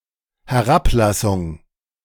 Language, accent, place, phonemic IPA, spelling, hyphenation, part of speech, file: German, Germany, Berlin, /hɛˈʁapˌlasʊŋ/, Herablassung, He‧r‧ab‧las‧sung, noun, De-Herablassung.ogg
- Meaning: condescension (patronizing attitude or behavior)